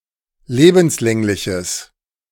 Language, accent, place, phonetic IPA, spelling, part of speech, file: German, Germany, Berlin, [ˈleːbm̩sˌlɛŋlɪçəs], lebenslängliches, adjective, De-lebenslängliches.ogg
- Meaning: strong/mixed nominative/accusative neuter singular of lebenslänglich